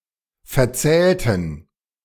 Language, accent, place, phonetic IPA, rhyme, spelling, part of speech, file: German, Germany, Berlin, [fɛɐ̯ˈt͡sɛːltn̩], -ɛːltn̩, verzählten, verb, De-verzählten.ogg
- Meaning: inflection of verzählen: 1. first/third-person plural preterite 2. first/third-person plural subjunctive II